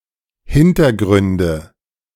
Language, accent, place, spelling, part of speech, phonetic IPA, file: German, Germany, Berlin, Hintergründe, noun, [ˈhɪntɐˌɡʁʏndə], De-Hintergründe.ogg
- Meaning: nominative/accusative/genitive plural of Hintergrund